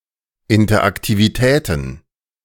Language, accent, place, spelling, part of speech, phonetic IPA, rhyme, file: German, Germany, Berlin, Interaktivitäten, noun, [ɪntɐʔaktiviˈtɛːtn̩], -ɛːtn̩, De-Interaktivitäten.ogg
- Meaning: plural of Interaktivität